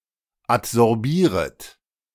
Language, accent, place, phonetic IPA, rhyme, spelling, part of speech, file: German, Germany, Berlin, [atzɔʁˈbiːʁət], -iːʁət, adsorbieret, verb, De-adsorbieret.ogg
- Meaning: second-person plural subjunctive I of adsorbieren